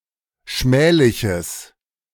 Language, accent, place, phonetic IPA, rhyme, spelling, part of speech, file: German, Germany, Berlin, [ˈʃmɛːlɪçəs], -ɛːlɪçəs, schmähliches, adjective, De-schmähliches.ogg
- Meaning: strong/mixed nominative/accusative neuter singular of schmählich